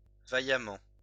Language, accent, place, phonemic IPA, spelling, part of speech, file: French, France, Lyon, /va.ja.mɑ̃/, vaillamment, adverb, LL-Q150 (fra)-vaillamment.wav
- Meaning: valiantly